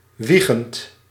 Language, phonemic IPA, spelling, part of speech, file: Dutch, /ˈwiɣənt/, wiegend, verb / adjective, Nl-wiegend.ogg
- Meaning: present participle of wiegen